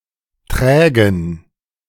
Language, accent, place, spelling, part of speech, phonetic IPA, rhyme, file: German, Germany, Berlin, trägen, adjective, [ˈtʁɛːɡn̩], -ɛːɡn̩, De-trägen.ogg
- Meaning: inflection of träge: 1. strong genitive masculine/neuter singular 2. weak/mixed genitive/dative all-gender singular 3. strong/weak/mixed accusative masculine singular 4. strong dative plural